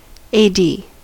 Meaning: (adverb) Initialism of Anno Domini (borrowed from Latin); in the year of our Lord; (noun) 1. Initialism of assistant director 2. Initialism of air defence or air defense
- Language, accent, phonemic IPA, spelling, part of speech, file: English, US, /ˌeɪˈdi/, AD, adverb / noun / adjective / proper noun, En-us-AD.ogg